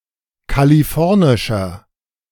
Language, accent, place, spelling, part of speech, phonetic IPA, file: German, Germany, Berlin, kalifornischer, adjective, [kaliˈfɔʁnɪʃɐ], De-kalifornischer.ogg
- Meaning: inflection of kalifornisch: 1. strong/mixed nominative masculine singular 2. strong genitive/dative feminine singular 3. strong genitive plural